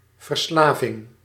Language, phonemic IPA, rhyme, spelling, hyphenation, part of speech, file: Dutch, /vərˈslaː.vɪŋ/, -aːvɪŋ, verslaving, ver‧sla‧ving, noun, Nl-verslaving.ogg
- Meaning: 1. addiction 2. enslavement, act of enslaving or slavehood